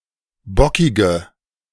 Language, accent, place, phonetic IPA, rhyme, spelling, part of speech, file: German, Germany, Berlin, [ˈbɔkɪɡə], -ɔkɪɡə, bockige, adjective, De-bockige.ogg
- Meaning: inflection of bockig: 1. strong/mixed nominative/accusative feminine singular 2. strong nominative/accusative plural 3. weak nominative all-gender singular 4. weak accusative feminine/neuter singular